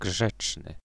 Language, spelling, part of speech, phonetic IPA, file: Polish, grzeczny, adjective, [ˈɡʒɛt͡ʃnɨ], Pl-grzeczny.ogg